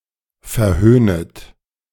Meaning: second-person plural subjunctive I of verhöhnen
- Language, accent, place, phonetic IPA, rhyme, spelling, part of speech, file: German, Germany, Berlin, [fɛɐ̯ˈhøːnət], -øːnət, verhöhnet, verb, De-verhöhnet.ogg